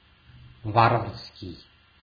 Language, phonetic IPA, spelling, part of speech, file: Russian, [ˈvarvərskʲɪj], варварский, adjective, Ru-варварский.ogg
- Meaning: 1. barbarian, barbaric 2. barbarous